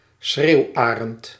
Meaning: lesser spotted eagle (Clanga pomarina)
- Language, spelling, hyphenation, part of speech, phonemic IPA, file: Dutch, schreeuwarend, schreeuw‧arend, noun, /ˈsxreːu̯ˌaː.rənt/, Nl-schreeuwarend.ogg